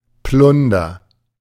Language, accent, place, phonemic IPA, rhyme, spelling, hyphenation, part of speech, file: German, Germany, Berlin, /ˈplʊndɐ/, -ʊndɐ, Plunder, Plun‧der, noun, De-Plunder.ogg
- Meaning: 1. junk, rubbish 2. Danish pastry